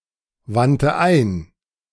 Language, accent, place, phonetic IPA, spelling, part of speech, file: German, Germany, Berlin, [ˌvantə ˈaɪ̯n], wandte ein, verb, De-wandte ein.ogg
- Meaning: first/third-person singular preterite of einwenden